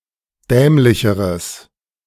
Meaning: strong/mixed nominative/accusative neuter singular comparative degree of dämlich
- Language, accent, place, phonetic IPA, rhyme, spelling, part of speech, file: German, Germany, Berlin, [ˈdɛːmlɪçəʁəs], -ɛːmlɪçəʁəs, dämlicheres, adjective, De-dämlicheres.ogg